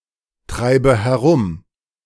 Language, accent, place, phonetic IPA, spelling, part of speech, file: German, Germany, Berlin, [ˌtʁaɪ̯bə hɛˈʁʊm], treibe herum, verb, De-treibe herum.ogg
- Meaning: inflection of herumtreiben: 1. first-person singular present 2. first/third-person singular subjunctive I 3. singular imperative